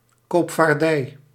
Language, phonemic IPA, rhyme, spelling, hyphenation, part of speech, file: Dutch, /ˌkoːp.faːrˈdɛi̯/, -ɛi̯, koopvaardij, koop‧vaar‧dij, noun, Nl-koopvaardij.ogg
- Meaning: commercial shipping